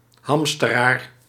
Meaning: a hoarder, especially for emergencies
- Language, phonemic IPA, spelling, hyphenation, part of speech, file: Dutch, /ˈɦɑm.stə.raːr/, hamsteraar, ham‧ste‧raar, noun, Nl-hamsteraar.ogg